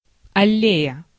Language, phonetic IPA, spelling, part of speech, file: Russian, [ɐˈlʲejə], аллея, noun, Ru-аллея.ogg
- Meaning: alley, path (in a park)